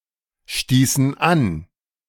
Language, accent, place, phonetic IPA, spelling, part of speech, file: German, Germany, Berlin, [ˌʃtiːsn̩ ˈan], stießen an, verb, De-stießen an.ogg
- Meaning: inflection of anstoßen: 1. first/third-person plural preterite 2. first/third-person plural subjunctive II